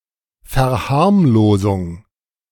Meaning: 1. downplaying 2. trivialisation
- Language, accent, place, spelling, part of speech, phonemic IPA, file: German, Germany, Berlin, Verharmlosung, noun, /fɛɐ̯ˈhaʁmloːzʊŋ/, De-Verharmlosung.ogg